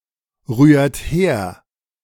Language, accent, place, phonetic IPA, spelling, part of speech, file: German, Germany, Berlin, [ˌʁyːɐ̯t ˈheːɐ̯], rührt her, verb, De-rührt her.ogg
- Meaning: inflection of herrühren: 1. second-person plural present 2. third-person singular present 3. plural imperative